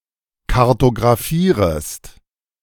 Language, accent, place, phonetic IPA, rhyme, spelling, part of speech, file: German, Germany, Berlin, [kaʁtoɡʁaˈfiːʁəst], -iːʁəst, kartographierest, verb, De-kartographierest.ogg
- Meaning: second-person singular subjunctive I of kartographieren